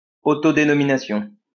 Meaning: denomination (all senses)
- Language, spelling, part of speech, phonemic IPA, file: French, dénomination, noun, /de.nɔ.mi.na.sjɔ̃/, LL-Q150 (fra)-dénomination.wav